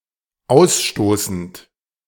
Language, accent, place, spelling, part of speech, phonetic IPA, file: German, Germany, Berlin, ausstoßend, verb, [ˈaʊ̯sˌʃtoːsn̩t], De-ausstoßend.ogg
- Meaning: present participle of ausstoßen